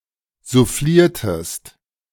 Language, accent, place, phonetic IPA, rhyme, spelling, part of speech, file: German, Germany, Berlin, [zuˈfliːɐ̯təst], -iːɐ̯təst, souffliertest, verb, De-souffliertest.ogg
- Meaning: inflection of soufflieren: 1. second-person singular preterite 2. second-person singular subjunctive II